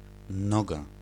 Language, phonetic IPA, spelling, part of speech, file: Polish, [ˈnɔɡa], noga, noun, Pl-noga.ogg